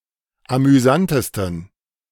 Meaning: 1. superlative degree of amüsant 2. inflection of amüsant: strong genitive masculine/neuter singular superlative degree
- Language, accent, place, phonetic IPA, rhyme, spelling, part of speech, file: German, Germany, Berlin, [amyˈzantəstn̩], -antəstn̩, amüsantesten, adjective, De-amüsantesten.ogg